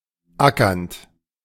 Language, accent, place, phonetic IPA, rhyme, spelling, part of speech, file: German, Germany, Berlin, [ˈakɐnt], -akɐnt, ackernd, verb, De-ackernd.ogg
- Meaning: present participle of ackern